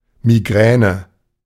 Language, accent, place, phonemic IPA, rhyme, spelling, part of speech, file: German, Germany, Berlin, /miˈɡrɛːnə/, -ɛːnə, Migräne, noun, De-Migräne.ogg
- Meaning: migraine